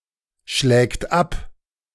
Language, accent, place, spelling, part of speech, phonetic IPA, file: German, Germany, Berlin, schlägt ab, verb, [ˌʃlɛːkt ˈap], De-schlägt ab.ogg
- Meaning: third-person singular present of abschlagen